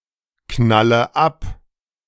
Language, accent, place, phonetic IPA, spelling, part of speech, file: German, Germany, Berlin, [ˌknalə ˈap], knalle ab, verb, De-knalle ab.ogg
- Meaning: inflection of abknallen: 1. first-person singular present 2. first/third-person singular subjunctive I 3. singular imperative